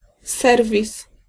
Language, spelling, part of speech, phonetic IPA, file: Polish, serwis, noun, [ˈsɛrvʲis], Pl-serwis.ogg